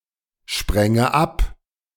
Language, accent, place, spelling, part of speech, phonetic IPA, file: German, Germany, Berlin, spränge ab, verb, [ˌʃpʁɛŋə ˈap], De-spränge ab.ogg
- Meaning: first/third-person singular subjunctive II of abspringen